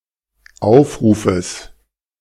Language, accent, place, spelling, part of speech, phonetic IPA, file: German, Germany, Berlin, Aufrufes, noun, [ˈaʊ̯fˌʁuːfəs], De-Aufrufes.ogg
- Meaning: genitive singular of Aufruf